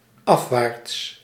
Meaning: 1. downwards, towards what is below 2. downwards, towards a lower figure or amount
- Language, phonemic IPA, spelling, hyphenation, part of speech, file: Dutch, /ˈɑfˌʋaːrts/, afwaarts, af‧waarts, adverb, Nl-afwaarts.ogg